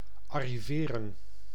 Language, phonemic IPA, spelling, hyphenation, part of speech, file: Dutch, /ˌɑriˈveːrə(n)/, arriveren, ar‧ri‧ve‧ren, verb, Nl-arriveren.ogg
- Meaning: to arrive